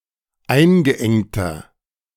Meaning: inflection of eingeengt: 1. strong/mixed nominative masculine singular 2. strong genitive/dative feminine singular 3. strong genitive plural
- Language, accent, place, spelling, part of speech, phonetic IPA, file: German, Germany, Berlin, eingeengter, adjective, [ˈaɪ̯nɡəˌʔɛŋtɐ], De-eingeengter.ogg